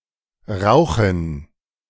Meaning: 1. gerund of rauchen 2. dative plural of Rauch
- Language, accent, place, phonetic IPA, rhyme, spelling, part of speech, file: German, Germany, Berlin, [ˈʁaʊ̯xn̩], -aʊ̯xn̩, Rauchen, noun, De-Rauchen.ogg